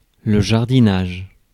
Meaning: gardening
- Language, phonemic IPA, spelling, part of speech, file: French, /ʒaʁ.di.naʒ/, jardinage, noun, Fr-jardinage.ogg